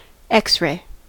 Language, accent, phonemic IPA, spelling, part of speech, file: English, US, /ˈɛks ˌɹeɪ/, X-ray, noun / verb / adjective, En-us-X-ray.ogg